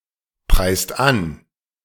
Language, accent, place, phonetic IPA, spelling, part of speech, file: German, Germany, Berlin, [ˌpʁaɪ̯st ˈan], preist an, verb, De-preist an.ogg
- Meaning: inflection of anpreisen: 1. second/third-person singular present 2. second-person plural present 3. plural imperative